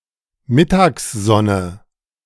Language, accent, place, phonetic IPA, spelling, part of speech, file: German, Germany, Berlin, [ˈmɪtaːksˌzɔnə], Mittagssonne, noun, De-Mittagssonne.ogg
- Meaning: midday sun, noon sun